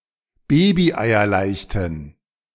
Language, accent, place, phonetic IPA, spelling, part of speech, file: German, Germany, Berlin, [ˈbeːbiʔaɪ̯ɐˌlaɪ̯çtn̩], babyeierleichten, adjective, De-babyeierleichten.ogg
- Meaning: inflection of babyeierleicht: 1. strong genitive masculine/neuter singular 2. weak/mixed genitive/dative all-gender singular 3. strong/weak/mixed accusative masculine singular 4. strong dative plural